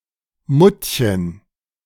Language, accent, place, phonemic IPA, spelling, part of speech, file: German, Germany, Berlin, /ˈmʊtçən/, Muttchen, noun, De-Muttchen.ogg
- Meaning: endearing form of Mutter